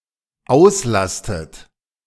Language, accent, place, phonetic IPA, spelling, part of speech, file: German, Germany, Berlin, [ˈaʊ̯sˌlastət], auslastet, verb, De-auslastet.ogg
- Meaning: inflection of auslasten: 1. third-person singular dependent present 2. second-person plural dependent present 3. second-person plural dependent subjunctive I